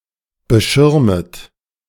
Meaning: second-person plural subjunctive I of beschirmen
- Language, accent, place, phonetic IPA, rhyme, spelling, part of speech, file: German, Germany, Berlin, [bəˈʃɪʁmət], -ɪʁmət, beschirmet, verb, De-beschirmet.ogg